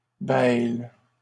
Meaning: third-person plural present indicative/subjunctive of bêler
- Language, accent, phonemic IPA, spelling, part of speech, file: French, Canada, /bɛl/, bêlent, verb, LL-Q150 (fra)-bêlent.wav